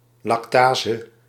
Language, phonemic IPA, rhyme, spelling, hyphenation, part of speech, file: Dutch, /ˌlɑkˈtaː.zə/, -aːzə, lactase, lac‧ta‧se, noun, Nl-lactase.ogg
- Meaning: lactase